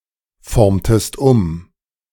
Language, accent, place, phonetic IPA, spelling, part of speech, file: German, Germany, Berlin, [ˌfɔʁmtəst ˈʊm], formtest um, verb, De-formtest um.ogg
- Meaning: inflection of umformen: 1. second-person singular preterite 2. second-person singular subjunctive II